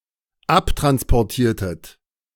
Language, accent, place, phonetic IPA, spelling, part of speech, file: German, Germany, Berlin, [ˈaptʁanspɔʁˌtiːɐ̯tət], abtransportiertet, verb, De-abtransportiertet.ogg
- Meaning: inflection of abtransportieren: 1. second-person plural dependent preterite 2. second-person plural dependent subjunctive II